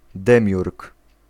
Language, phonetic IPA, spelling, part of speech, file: Polish, [ˈdɛ̃mʲjurk], demiurg, noun, Pl-demiurg.ogg